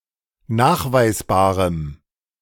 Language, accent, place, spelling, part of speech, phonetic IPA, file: German, Germany, Berlin, nachweisbarem, adjective, [ˈnaːxvaɪ̯sˌbaːʁəm], De-nachweisbarem.ogg
- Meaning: strong dative masculine/neuter singular of nachweisbar